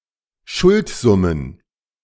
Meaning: plural of Schuldsumme
- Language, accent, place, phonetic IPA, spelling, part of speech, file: German, Germany, Berlin, [ˈʃʊltˌzʊmən], Schuldsummen, noun, De-Schuldsummen.ogg